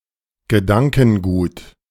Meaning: mindset, philosophy
- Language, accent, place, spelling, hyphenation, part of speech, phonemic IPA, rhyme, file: German, Germany, Berlin, Gedankengut, Ge‧dan‧ken‧gut, noun, /ɡəˈdankn̩ˌɡuːt/, -uːt, De-Gedankengut.ogg